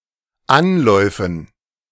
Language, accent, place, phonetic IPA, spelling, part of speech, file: German, Germany, Berlin, [ˈanlɔɪ̯fn̩], Anläufen, noun, De-Anläufen.ogg
- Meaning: dative plural of Anlauf